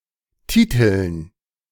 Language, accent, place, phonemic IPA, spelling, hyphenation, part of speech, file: German, Germany, Berlin, /ˈtiːtəln/, Titeln, Ti‧teln, noun, De-Titeln.ogg
- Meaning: 1. gerund of titeln 2. dative plural of Titel